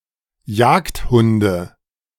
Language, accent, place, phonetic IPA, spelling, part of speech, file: German, Germany, Berlin, [ˈjaːktˌhʊndə], Jagdhunde, proper noun / noun, De-Jagdhunde.ogg
- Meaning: nominative/accusative/genitive plural of Jagdhund